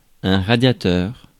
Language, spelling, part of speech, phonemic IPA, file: French, radiateur, noun, /ʁa.dja.tœʁ/, Fr-radiateur.ogg
- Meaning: radiator (heating appliance)